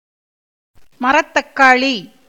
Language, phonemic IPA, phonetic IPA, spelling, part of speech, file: Tamil, /mɐɾɐt̪ːɐkːɑːɭiː/, [mɐɾɐt̪ːɐkːäːɭiː], மரத்தக்காளி, noun, Ta-மரத்தக்காளி.ogg
- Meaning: tree tomato, tamarillo